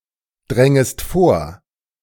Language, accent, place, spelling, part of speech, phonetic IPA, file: German, Germany, Berlin, drängest vor, verb, [ˌdʁɛŋəst ˈfoːɐ̯], De-drängest vor.ogg
- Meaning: second-person singular subjunctive I of vordringen